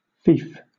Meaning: Land held of a superior, particularly on condition of homage, fealty, and personal service, especially military service
- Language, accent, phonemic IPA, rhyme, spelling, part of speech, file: English, Southern England, /fiːf/, -iːf, fief, noun, LL-Q1860 (eng)-fief.wav